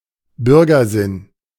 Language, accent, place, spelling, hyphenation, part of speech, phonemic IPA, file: German, Germany, Berlin, Bürgersinn, Bür‧ger‧sinn, noun, /ˈbʏʁɡɐˌzɪn/, De-Bürgersinn.ogg
- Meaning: public spirit